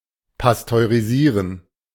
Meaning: to pasteurize (to heat food in order to kill harmful organisms)
- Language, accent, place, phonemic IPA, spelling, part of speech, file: German, Germany, Berlin, /pastøʁiˈziːʁən/, pasteurisieren, verb, De-pasteurisieren.ogg